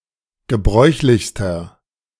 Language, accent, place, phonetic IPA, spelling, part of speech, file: German, Germany, Berlin, [ɡəˈbʁɔɪ̯çlɪçstɐ], gebräuchlichster, adjective, De-gebräuchlichster.ogg
- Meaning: inflection of gebräuchlich: 1. strong/mixed nominative masculine singular superlative degree 2. strong genitive/dative feminine singular superlative degree 3. strong genitive plural superlative degree